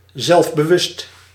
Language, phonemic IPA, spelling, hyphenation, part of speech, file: Dutch, /ˌzɛlf.bəˈʋʏst/, zelfbewust, zelf‧be‧wust, adjective, Nl-zelfbewust.ogg
- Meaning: 1. self-aware 2. confident, self-confident 3. self-conscious, socially ill at ease